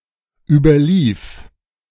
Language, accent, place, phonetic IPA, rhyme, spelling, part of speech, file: German, Germany, Berlin, [ˌyːbɐˈliːf], -iːf, überlief, verb, De-überlief.ogg
- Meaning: first/third-person singular dependent preterite of überlaufen